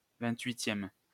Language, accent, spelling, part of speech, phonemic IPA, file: French, France, vingt-huitième, adjective / noun, /vɛ̃.tɥi.tjɛm/, LL-Q150 (fra)-vingt-huitième.wav
- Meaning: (adjective) twenty-eighth